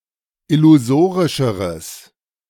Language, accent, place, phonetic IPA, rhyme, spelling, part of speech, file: German, Germany, Berlin, [ɪluˈzoːʁɪʃəʁəs], -oːʁɪʃəʁəs, illusorischeres, adjective, De-illusorischeres.ogg
- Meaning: strong/mixed nominative/accusative neuter singular comparative degree of illusorisch